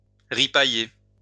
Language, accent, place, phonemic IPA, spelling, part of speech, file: French, France, Lyon, /ʁi.pa.je/, ripailler, verb, LL-Q150 (fra)-ripailler.wav
- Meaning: to feast